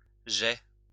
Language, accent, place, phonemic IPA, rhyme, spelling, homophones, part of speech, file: French, France, Lyon, /ʒɛ/, -ɛ, jais, geai / geais / jet / jets, noun, LL-Q150 (fra)-jais.wav
- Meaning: jet